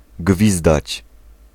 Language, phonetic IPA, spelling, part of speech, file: Polish, [ˈɡvʲizdat͡ɕ], gwizdać, verb, Pl-gwizdać.ogg